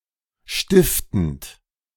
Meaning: present participle of stiften
- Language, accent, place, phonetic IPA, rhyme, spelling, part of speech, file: German, Germany, Berlin, [ˈʃtɪftn̩t], -ɪftn̩t, stiftend, verb, De-stiftend.ogg